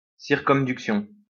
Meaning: circumduction
- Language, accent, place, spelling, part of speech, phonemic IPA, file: French, France, Lyon, circumduction, noun, /siʁ.kɔm.dyk.sjɔ̃/, LL-Q150 (fra)-circumduction.wav